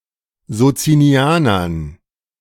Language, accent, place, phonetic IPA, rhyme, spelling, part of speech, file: German, Germany, Berlin, [zot͡siniˈaːnɐn], -aːnɐn, Sozinianern, noun, De-Sozinianern.ogg
- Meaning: dative plural of Sozinianer